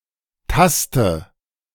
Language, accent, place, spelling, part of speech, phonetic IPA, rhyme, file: German, Germany, Berlin, taste, verb, [ˈtastə], -astə, De-taste.ogg
- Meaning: inflection of tasten: 1. first-person singular present 2. first/third-person singular subjunctive I 3. singular imperative